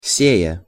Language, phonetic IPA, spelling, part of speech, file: Russian, [ˈsʲejə], сея, verb, Ru-сея.ogg
- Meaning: present adverbial imperfective participle of се́ять (séjatʹ)